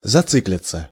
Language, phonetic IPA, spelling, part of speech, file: Russian, [zɐˈt͡sɨklʲɪt͡sə], зациклиться, verb, Ru-зациклиться.ogg
- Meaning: 1. to begin to repeat 2. to start talking or speaking about one thing repeatedly, to get hung up on something 3. to get into an infinite loop